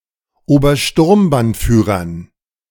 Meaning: dative plural of Obersturmbannführer
- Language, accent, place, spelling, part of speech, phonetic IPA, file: German, Germany, Berlin, Obersturmbannführern, noun, [oːbɐˈʃtʊʁmbanˌfyːʁɐn], De-Obersturmbannführern.ogg